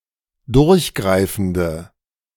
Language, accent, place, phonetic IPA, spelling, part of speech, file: German, Germany, Berlin, [ˈdʊʁçˌɡʁaɪ̯fn̩də], durchgreifende, adjective, De-durchgreifende.ogg
- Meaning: inflection of durchgreifend: 1. strong/mixed nominative/accusative feminine singular 2. strong nominative/accusative plural 3. weak nominative all-gender singular